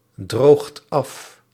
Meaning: inflection of afdrogen: 1. second/third-person singular present indicative 2. plural imperative
- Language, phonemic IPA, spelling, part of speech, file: Dutch, /ˈdroxt ˈɑf/, droogt af, verb, Nl-droogt af.ogg